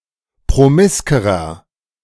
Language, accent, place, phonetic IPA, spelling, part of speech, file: German, Germany, Berlin, [pʁoˈmɪskəʁɐ], promiskerer, adjective, De-promiskerer.ogg
- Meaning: inflection of promisk: 1. strong/mixed nominative masculine singular comparative degree 2. strong genitive/dative feminine singular comparative degree 3. strong genitive plural comparative degree